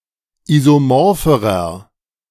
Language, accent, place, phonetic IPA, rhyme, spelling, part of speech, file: German, Germany, Berlin, [ˌizoˈmɔʁfəʁɐ], -ɔʁfəʁɐ, isomorpherer, adjective, De-isomorpherer.ogg
- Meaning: inflection of isomorph: 1. strong/mixed nominative masculine singular comparative degree 2. strong genitive/dative feminine singular comparative degree 3. strong genitive plural comparative degree